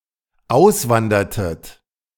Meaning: inflection of auswandern: 1. second-person plural dependent preterite 2. second-person plural dependent subjunctive II
- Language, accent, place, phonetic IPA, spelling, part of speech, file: German, Germany, Berlin, [ˈaʊ̯sˌvandɐtət], auswandertet, verb, De-auswandertet.ogg